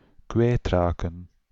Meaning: to lose, to cause (something) to cease to be in one's possession or capability
- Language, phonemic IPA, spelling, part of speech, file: Dutch, /ˈkʋɛːtrakə(n)/, kwijtraken, verb, Nl-kwijtraken.ogg